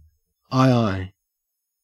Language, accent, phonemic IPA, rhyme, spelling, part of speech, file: English, Australia, /ˈaɪˌaɪ/, -aɪaɪ, aye-aye, noun, En-au-aye-aye.ogg
- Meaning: The lemur Daubentonia madagascariensis, a solitary nocturnal quadruped found in Madagascar and remarkable for their long fingers, sharp nails, and rodent-like incisor teeth